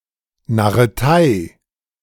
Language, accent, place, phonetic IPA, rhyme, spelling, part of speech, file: German, Germany, Berlin, [naʁəˈtaɪ̯], -aɪ̯, Narretei, noun, De-Narretei.ogg
- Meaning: tomfoolery